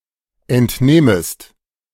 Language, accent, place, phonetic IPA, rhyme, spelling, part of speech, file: German, Germany, Berlin, [ɛntˈneːməst], -eːməst, entnehmest, verb, De-entnehmest.ogg
- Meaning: second-person singular subjunctive I of entnehmen